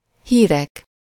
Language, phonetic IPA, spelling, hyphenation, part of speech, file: Hungarian, [ˈhiːrɛk], hírek, hí‧rek, noun, Hu-hírek.ogg
- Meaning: nominative plural of hír